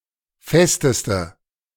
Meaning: inflection of fest: 1. strong/mixed nominative/accusative feminine singular superlative degree 2. strong nominative/accusative plural superlative degree
- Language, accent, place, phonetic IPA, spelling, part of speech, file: German, Germany, Berlin, [ˈfɛstəstə], festeste, adjective, De-festeste.ogg